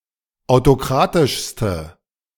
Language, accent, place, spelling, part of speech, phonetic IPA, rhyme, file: German, Germany, Berlin, autokratischste, adjective, [aʊ̯toˈkʁaːtɪʃstə], -aːtɪʃstə, De-autokratischste.ogg
- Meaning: inflection of autokratisch: 1. strong/mixed nominative/accusative feminine singular superlative degree 2. strong nominative/accusative plural superlative degree